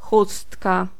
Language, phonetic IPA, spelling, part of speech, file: Polish, [ˈxustka], chustka, noun, Pl-chustka.ogg